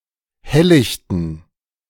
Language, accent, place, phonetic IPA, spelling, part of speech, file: German, Germany, Berlin, [ˈhɛllɪçtn̩], helllichten, adjective, De-helllichten.ogg
- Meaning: inflection of helllicht: 1. strong genitive masculine/neuter singular 2. weak/mixed genitive/dative all-gender singular 3. strong/weak/mixed accusative masculine singular 4. strong dative plural